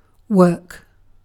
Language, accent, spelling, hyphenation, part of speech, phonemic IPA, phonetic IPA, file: English, Received Pronunciation, work, work, noun / verb, /wɜːk/, [wəːk], En-uk-work.ogg
- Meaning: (noun) Employment.: 1. Labour, occupation, job 2. The place where one is employed 3. One's employer 4. A factory; a works